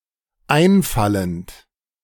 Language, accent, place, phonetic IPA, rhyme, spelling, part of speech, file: German, Germany, Berlin, [ˈaɪ̯nˌfalənt], -aɪ̯nfalənt, einfallend, verb, De-einfallend.ogg
- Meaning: present participle of einfallen